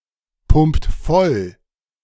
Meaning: inflection of vollpumpen: 1. second-person plural present 2. third-person singular present 3. plural imperative
- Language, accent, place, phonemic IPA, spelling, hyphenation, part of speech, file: German, Germany, Berlin, /ˌpʊmpt ˈfɔl/, pumpt voll, pumpt voll, verb, De-pumpt voll.ogg